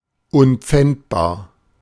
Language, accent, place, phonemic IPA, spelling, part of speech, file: German, Germany, Berlin, /ˈʊnpfɛntbaːɐ̯/, unpfändbar, adjective, De-unpfändbar.ogg
- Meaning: undistrainable